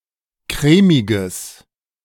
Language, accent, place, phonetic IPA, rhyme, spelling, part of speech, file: German, Germany, Berlin, [ˈkʁɛːmɪɡəs], -ɛːmɪɡəs, crèmiges, adjective, De-crèmiges.ogg
- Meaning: strong/mixed nominative/accusative neuter singular of crèmig